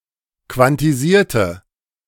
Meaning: inflection of quantisieren: 1. first/third-person singular preterite 2. first/third-person singular subjunctive II
- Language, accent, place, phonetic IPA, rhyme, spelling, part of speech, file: German, Germany, Berlin, [kvantiˈziːɐ̯tə], -iːɐ̯tə, quantisierte, adjective / verb, De-quantisierte.ogg